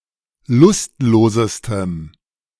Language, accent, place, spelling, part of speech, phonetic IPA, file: German, Germany, Berlin, lustlosestem, adjective, [ˈlʊstˌloːzəstəm], De-lustlosestem.ogg
- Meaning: strong dative masculine/neuter singular superlative degree of lustlos